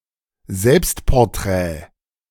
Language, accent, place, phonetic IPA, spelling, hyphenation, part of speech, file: German, Germany, Berlin, [ˈzɛlpstpɔʁˌtʁɛː], Selbstporträt, Selbst‧por‧t‧rät, noun, De-Selbstporträt.ogg
- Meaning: self-portrait